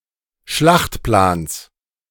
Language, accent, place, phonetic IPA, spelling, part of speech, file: German, Germany, Berlin, [ˈʃlaxtˌplaːns], Schlachtplans, noun, De-Schlachtplans.ogg
- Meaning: genitive of Schlachtplan